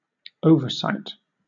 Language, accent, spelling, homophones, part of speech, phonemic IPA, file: English, Southern England, oversight, overcite, noun / verb, /ˈəʊvəˌsaɪt/, LL-Q1860 (eng)-oversight.wav
- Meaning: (noun) 1. An omission; something that is left out, missed, or forgotten 2. Supervision or management 3. Overview; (verb) To oversee; to supervise